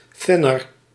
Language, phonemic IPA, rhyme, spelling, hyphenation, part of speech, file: Dutch, /ˈtɪ.nər/, -ɪnər, thinner, thin‧ner, noun, Nl-thinner.ogg
- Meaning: paint thinner